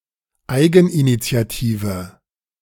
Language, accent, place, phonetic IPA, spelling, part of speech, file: German, Germany, Berlin, [ˈaɪ̯ɡn̩ʔinit͡si̯aˌtiːvə], eigeninitiative, adjective, De-eigeninitiative.ogg
- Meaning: inflection of eigeninitiativ: 1. strong/mixed nominative/accusative feminine singular 2. strong nominative/accusative plural 3. weak nominative all-gender singular